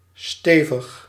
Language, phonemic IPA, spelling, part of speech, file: Dutch, /ˈstevəx/, stevig, adjective / verb, Nl-stevig.ogg
- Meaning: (adjective) 1. firm, sturdy 2. sizeable, considerable; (adverb) firmly